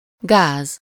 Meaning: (noun) 1. gas (matter in an intermediate state between liquid and plasma that can be contained only if it is fully surrounded by a solid) 2. throttle 3. mess, fix, bind
- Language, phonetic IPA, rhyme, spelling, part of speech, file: Hungarian, [ˈɡaːz], -aːz, gáz, noun / adjective, Hu-gáz.ogg